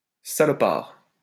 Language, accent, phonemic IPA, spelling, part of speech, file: French, France, /sa.lɔ.paʁ/, salopard, noun, LL-Q150 (fra)-salopard.wav
- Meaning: bastard